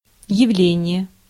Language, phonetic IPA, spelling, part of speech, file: Russian, [(j)ɪˈvlʲenʲɪje], явление, noun, Ru-явление.ogg
- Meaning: 1. phenomenon 2. event, occurrence 3. apparition 4. scene (in terms of theaters) 5. effect